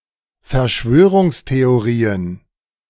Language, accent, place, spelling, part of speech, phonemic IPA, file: German, Germany, Berlin, Verschwörungstheorien, noun, /fɛɐ̯ˈʃvøː.ʁʊŋs.te.oˌʁiː.ən/, De-Verschwörungstheorien.ogg
- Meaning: plural of Verschwörungstheorie